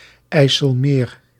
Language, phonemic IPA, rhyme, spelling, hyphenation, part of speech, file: Dutch, /ˌɛi̯.səlˈmeːr/, -eːr, IJsselmeer, IJs‧sel‧meer, proper noun, Nl-IJsselmeer.ogg
- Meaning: a lake in the Netherlands, formerly part of the Zuiderzee